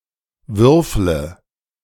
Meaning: inflection of würfeln: 1. first-person singular present 2. singular imperative 3. first/third-person singular subjunctive I
- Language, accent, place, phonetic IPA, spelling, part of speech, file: German, Germany, Berlin, [ˈvʏʁflə], würfle, verb, De-würfle.ogg